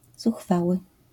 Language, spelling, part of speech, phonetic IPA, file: Polish, zuchwały, adjective, [zuxˈfawɨ], LL-Q809 (pol)-zuchwały.wav